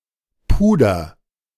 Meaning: inflection of pudern: 1. first-person singular present 2. singular imperative
- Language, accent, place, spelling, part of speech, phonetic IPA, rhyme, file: German, Germany, Berlin, puder, verb, [ˈpuːdɐ], -uːdɐ, De-puder.ogg